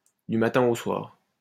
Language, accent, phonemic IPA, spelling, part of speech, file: French, France, /dy ma.tɛ̃ o swaʁ/, du matin au soir, prepositional phrase, LL-Q150 (fra)-du matin au soir.wav
- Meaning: all day long; every waking hour